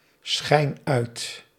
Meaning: inflection of uitschijnen: 1. first-person singular present indicative 2. second-person singular present indicative 3. imperative
- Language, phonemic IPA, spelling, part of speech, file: Dutch, /ˈsxɛin ˈœyt/, schijn uit, verb, Nl-schijn uit.ogg